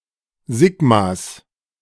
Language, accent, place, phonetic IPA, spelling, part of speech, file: German, Germany, Berlin, [ˈziɡmas], Sigmas, noun, De-Sigmas.ogg
- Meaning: plural of Sigma